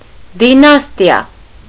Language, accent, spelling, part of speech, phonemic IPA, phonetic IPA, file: Armenian, Eastern Armenian, դինաստիա, noun, /diˈnɑstiɑ/, [dinɑ́stjɑ], Hy-դինաստիա.ogg
- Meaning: dynasty